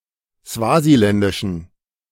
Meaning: inflection of swasiländisch: 1. strong genitive masculine/neuter singular 2. weak/mixed genitive/dative all-gender singular 3. strong/weak/mixed accusative masculine singular 4. strong dative plural
- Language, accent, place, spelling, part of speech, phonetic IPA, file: German, Germany, Berlin, swasiländischen, adjective, [ˈsvaːziˌlɛndɪʃn̩], De-swasiländischen.ogg